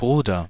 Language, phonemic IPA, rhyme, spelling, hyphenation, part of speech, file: German, /ˈbruːdɐ/, -uːdɐ, Bruder, Bru‧der, noun, De-Bruder.ogg
- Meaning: 1. brother 2. Brother (title of respect)